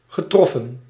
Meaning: past participle of treffen
- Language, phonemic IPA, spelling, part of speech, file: Dutch, /ɣəˈtrɔfə(n)/, getroffen, verb, Nl-getroffen.ogg